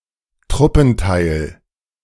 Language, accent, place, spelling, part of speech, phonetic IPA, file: German, Germany, Berlin, Truppenteil, noun, [ˈtʁʊpn̩ˌtaɪ̯l], De-Truppenteil.ogg
- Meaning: unit of troops